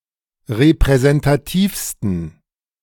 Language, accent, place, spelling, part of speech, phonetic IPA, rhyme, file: German, Germany, Berlin, repräsentativsten, adjective, [ʁepʁɛzɛntaˈtiːfstn̩], -iːfstn̩, De-repräsentativsten.ogg
- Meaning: 1. superlative degree of repräsentativ 2. inflection of repräsentativ: strong genitive masculine/neuter singular superlative degree